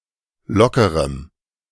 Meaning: strong dative masculine/neuter singular of locker
- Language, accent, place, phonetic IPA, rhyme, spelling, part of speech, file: German, Germany, Berlin, [ˈlɔkəʁəm], -ɔkəʁəm, lockerem, adjective, De-lockerem.ogg